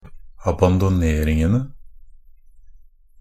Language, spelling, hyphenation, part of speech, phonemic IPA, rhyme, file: Norwegian Bokmål, abandoneringene, ab‧an‧do‧ner‧ing‧en‧e, noun, /abandɔˈneːrɪŋn̩ənə/, -ənə, NB - Pronunciation of Norwegian Bokmål «abandoneringene».ogg
- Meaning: definite plural of abandonering